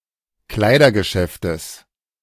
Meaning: genitive singular of Kleidergeschäft
- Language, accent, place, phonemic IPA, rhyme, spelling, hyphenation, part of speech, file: German, Germany, Berlin, /ˈklaɪ̯dɐɡəˌʃɛftəs/, -ɛftəs, Kleidergeschäftes, Klei‧der‧ge‧schäf‧tes, noun, De-Kleidergeschäftes.ogg